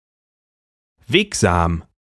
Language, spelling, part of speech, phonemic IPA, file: German, wegsam, adjective, /ˈveːkzaːm/, De-wegsam.ogg
- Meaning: passable, accessible